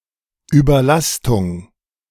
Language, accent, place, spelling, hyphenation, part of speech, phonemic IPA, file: German, Germany, Berlin, Überlastung, Über‧last‧ung, noun, /yːbɐˈlastʊŋ/, De-Überlastung.ogg
- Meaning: overload